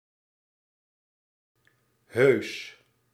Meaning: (adjective) 1. friendly, polite 2. real, genuine 3. impressive for being indistinguishable from the real thing; nothing less than; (adverb) really, actually, genuinely
- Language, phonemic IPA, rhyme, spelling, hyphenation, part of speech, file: Dutch, /ɦøːs/, -øːs, heus, heus, adjective / adverb, Nl-heus.ogg